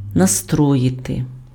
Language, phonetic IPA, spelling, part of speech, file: Ukrainian, [nɐˈstrɔjite], настроїти, verb, Uk-настроїти.ogg
- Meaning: 1. to tune 2. to prepare oneself 3. to dispose